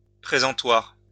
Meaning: display, cardboard display, display stand, display case, showcase
- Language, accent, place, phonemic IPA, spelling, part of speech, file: French, France, Lyon, /pʁe.zɑ̃.twaʁ/, présentoir, noun, LL-Q150 (fra)-présentoir.wav